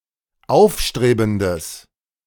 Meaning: strong/mixed nominative/accusative neuter singular of aufstrebend
- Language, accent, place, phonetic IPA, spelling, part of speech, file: German, Germany, Berlin, [ˈaʊ̯fˌʃtʁeːbn̩dəs], aufstrebendes, adjective, De-aufstrebendes.ogg